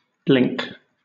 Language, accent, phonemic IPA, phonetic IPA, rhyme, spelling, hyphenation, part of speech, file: English, Southern England, /ˈblɪŋk/, [ˈblɪŋk], -ɪŋk, blink, blink, verb / noun, LL-Q1860 (eng)-blink.wav
- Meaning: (verb) 1. To close and reopen both eyes quickly 2. To close and reopen both eyes quickly.: To close and reopen one's eyes to remove (something) from on or around the eyes